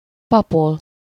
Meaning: 1. to chatter, jaw away 2. to preach (to give a sermon) 3. to lecture, preach (to speak in a pompous, lecturing, self-important manner)
- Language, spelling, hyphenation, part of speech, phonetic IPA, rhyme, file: Hungarian, papol, pa‧pol, verb, [ˈpɒpol], -ol, Hu-papol.ogg